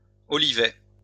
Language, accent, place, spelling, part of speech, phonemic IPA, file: French, France, Lyon, olivaie, noun, /ɔ.li.vɛ/, LL-Q150 (fra)-olivaie.wav
- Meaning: olive plantation